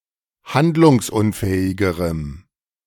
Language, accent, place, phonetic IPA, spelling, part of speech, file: German, Germany, Berlin, [ˈhandlʊŋsˌʔʊnfɛːɪɡəʁəm], handlungsunfähigerem, adjective, De-handlungsunfähigerem.ogg
- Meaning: strong dative masculine/neuter singular comparative degree of handlungsunfähig